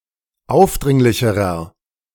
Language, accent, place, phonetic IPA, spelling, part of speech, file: German, Germany, Berlin, [ˈaʊ̯fˌdʁɪŋlɪçəʁɐ], aufdringlicherer, adjective, De-aufdringlicherer.ogg
- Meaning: inflection of aufdringlich: 1. strong/mixed nominative masculine singular comparative degree 2. strong genitive/dative feminine singular comparative degree 3. strong genitive plural comparative degree